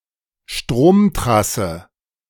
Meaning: power line (A big long-distance above-ground electricity link.)
- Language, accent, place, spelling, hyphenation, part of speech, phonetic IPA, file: German, Germany, Berlin, Stromtrasse, Strom‧tras‧se, noun, [ˈʃtʁoːmˌtʁasə], De-Stromtrasse.ogg